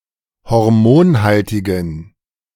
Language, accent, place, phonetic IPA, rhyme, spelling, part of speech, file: German, Germany, Berlin, [hɔʁˈmoːnˌhaltɪɡn̩], -oːnhaltɪɡn̩, hormonhaltigen, adjective, De-hormonhaltigen.ogg
- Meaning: inflection of hormonhaltig: 1. strong genitive masculine/neuter singular 2. weak/mixed genitive/dative all-gender singular 3. strong/weak/mixed accusative masculine singular 4. strong dative plural